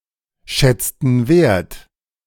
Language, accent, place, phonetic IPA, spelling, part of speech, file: German, Germany, Berlin, [ˌʃɛt͡stn̩ ˈaɪ̯n], schätzten ein, verb, De-schätzten ein.ogg
- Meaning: inflection of einschätzen: 1. first/third-person plural preterite 2. first/third-person plural subjunctive II